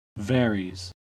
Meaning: third-person singular simple present indicative of vary
- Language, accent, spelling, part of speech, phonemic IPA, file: English, US, varies, verb, /ˈvɛɹiːz/, En-us-varies.ogg